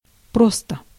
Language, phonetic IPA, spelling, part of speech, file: Russian, [ˈprostə], просто, adverb / adjective, Ru-просто.ogg
- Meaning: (adverb) simply, plainly, just; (adjective) 1. it is simple, it is just 2. short neuter singular of просто́й (prostój)